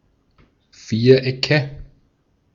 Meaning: nominative/accusative/genitive plural of Viereck
- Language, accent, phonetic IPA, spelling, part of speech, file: German, Austria, [ˈfiːɐ̯ˌʔɛkə], Vierecke, noun, De-at-Vierecke.ogg